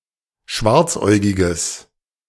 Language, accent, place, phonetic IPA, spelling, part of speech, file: German, Germany, Berlin, [ˈʃvaʁt͡sˌʔɔɪ̯ɡɪɡəs], schwarzäugiges, adjective, De-schwarzäugiges.ogg
- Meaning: strong/mixed nominative/accusative neuter singular of schwarzäugig